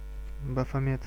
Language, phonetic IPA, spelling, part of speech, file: Russian, [bəfɐˈmʲet], Бафомет, proper noun, Ru-Бафомет.ogg
- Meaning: Baphomet (occult deity)